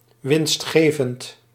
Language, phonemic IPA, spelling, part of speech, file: Dutch, /ˌʋɪns(t)ˈxeː.vənt/, winstgevend, adjective, Nl-winstgevend.ogg
- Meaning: profitable, lucrative